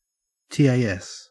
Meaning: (noun) 1. Acronym of tool-assisted speedrun 2. Acronym of tool-assisted superplay 3. A particularly good play in a speedrun; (verb) To create or contribute to a tool-assisted speedrun or superplay
- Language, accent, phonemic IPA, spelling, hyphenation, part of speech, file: English, Australia, /ˈtæs/, TAS, TAS, noun / verb / proper noun, En-au-TAS.ogg